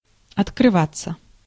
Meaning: 1. to open 2. to come to light 3. to confide, to open up, to declare oneself 4. passive of открыва́ть (otkryvátʹ)
- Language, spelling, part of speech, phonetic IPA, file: Russian, открываться, verb, [ɐtkrɨˈvat͡sːə], Ru-открываться.ogg